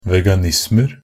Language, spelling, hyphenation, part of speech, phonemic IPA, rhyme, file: Norwegian Bokmål, veganismer, ve‧ga‧nis‧mer, noun, /ˈʋɛɡanɪsmər/, -ər, Nb-veganismer.ogg
- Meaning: indefinite plural of veganisme